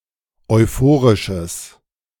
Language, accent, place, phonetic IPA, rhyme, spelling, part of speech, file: German, Germany, Berlin, [ɔɪ̯ˈfoːʁɪʃəs], -oːʁɪʃəs, euphorisches, adjective, De-euphorisches.ogg
- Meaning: strong/mixed nominative/accusative neuter singular of euphorisch